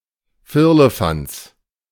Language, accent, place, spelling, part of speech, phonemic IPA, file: German, Germany, Berlin, Firlefanz, noun, /ˈfɪʁləˌfant͡s/, De-Firlefanz.ogg
- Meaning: stuff